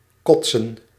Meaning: to vomit
- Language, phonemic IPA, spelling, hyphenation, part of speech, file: Dutch, /ˈkɔt.sə(n)/, kotsen, kot‧sen, verb, Nl-kotsen.ogg